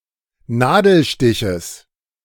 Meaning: genitive singular of Nadelstich
- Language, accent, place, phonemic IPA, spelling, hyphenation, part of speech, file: German, Germany, Berlin, /ˈnaːdl̩ˌʃtɪçəs/, Nadelstiches, Na‧del‧sti‧ches, noun, De-Nadelstiches.ogg